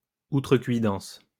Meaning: presumptuousness, impertinence
- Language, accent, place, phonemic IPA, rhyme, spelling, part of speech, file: French, France, Lyon, /u.tʁə.kɥi.dɑ̃s/, -ɑ̃s, outrecuidance, noun, LL-Q150 (fra)-outrecuidance.wav